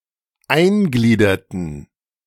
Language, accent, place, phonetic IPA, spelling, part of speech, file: German, Germany, Berlin, [ˈaɪ̯nˌɡliːdɐtn̩], eingliederten, verb, De-eingliederten.ogg
- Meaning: inflection of eingliedern: 1. first/third-person plural preterite 2. first/third-person plural subjunctive II